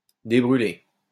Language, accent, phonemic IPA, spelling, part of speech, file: French, France, /de.bʁy.le/, débrûler, verb, LL-Q150 (fra)-débrûler.wav
- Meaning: to reduce